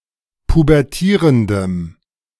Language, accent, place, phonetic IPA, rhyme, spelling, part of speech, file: German, Germany, Berlin, [pubɛʁˈtiːʁəndəm], -iːʁəndəm, pubertierendem, adjective, De-pubertierendem.ogg
- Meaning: strong dative masculine/neuter singular of pubertierend